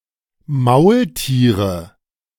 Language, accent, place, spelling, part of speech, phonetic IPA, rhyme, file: German, Germany, Berlin, Maultiere, noun, [ˈmaʊ̯lˌtiːʁə], -aʊ̯ltiːʁə, De-Maultiere.ogg
- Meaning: nominative/accusative/genitive plural of Maultier